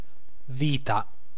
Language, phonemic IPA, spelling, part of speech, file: Italian, /ˈvita/, vita, noun, It-vita.ogg